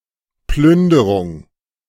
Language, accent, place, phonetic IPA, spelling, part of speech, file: German, Germany, Berlin, [ˈplʏndəʁʊŋ], Plünderung, noun, De-Plünderung.ogg
- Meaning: looting